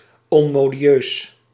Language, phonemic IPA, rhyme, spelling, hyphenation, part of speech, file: Dutch, /ˌɔn.moː.diˈøːs/, -øːs, onmodieus, on‧mo‧di‧eus, adjective, Nl-onmodieus.ogg
- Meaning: outmoded, unfashionable